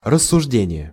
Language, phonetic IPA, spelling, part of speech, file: Russian, [rəsːʊʐˈdʲenʲɪje], рассуждение, noun, Ru-рассуждение.ogg
- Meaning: 1. reasoning (action of the verb 'to reason') 2. judgement